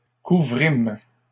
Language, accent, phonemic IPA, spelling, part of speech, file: French, Canada, /ku.vʁim/, couvrîmes, verb, LL-Q150 (fra)-couvrîmes.wav
- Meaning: first-person plural past historic of couvrir